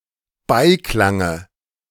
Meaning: dative of Beiklang
- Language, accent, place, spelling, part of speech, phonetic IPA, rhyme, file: German, Germany, Berlin, Beiklange, noun, [ˈbaɪ̯ˌklaŋə], -aɪ̯klaŋə, De-Beiklange.ogg